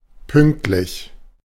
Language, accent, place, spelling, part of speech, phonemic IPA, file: German, Germany, Berlin, pünktlich, adjective, /ˈpʏŋktlɪç/, De-pünktlich.ogg
- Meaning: punctual, on time